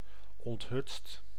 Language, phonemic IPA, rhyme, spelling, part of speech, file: Dutch, /ɔntˈɦʏtst/, -ʏtst, onthutst, adjective / verb, Nl-onthutst.ogg
- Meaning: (adjective) abashed, confounded; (verb) 1. inflection of onthutsen: second/third-person singular present indicative 2. inflection of onthutsen: plural imperative 3. past participle of onthutsen